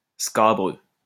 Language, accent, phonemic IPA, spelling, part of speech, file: French, France, /ska.bʁø/, scabreux, adjective, LL-Q150 (fra)-scabreux.wav
- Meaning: 1. uneven, bumpy (surface) 2. perilous, dangerous 3. indecent, sleazy, scabrous